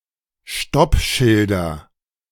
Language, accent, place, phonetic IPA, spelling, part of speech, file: German, Germany, Berlin, [ˈʃtɔpˌʃɪldɐ], Stoppschilder, noun, De-Stoppschilder.ogg
- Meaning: nominative/accusative/genitive plural of Stoppschild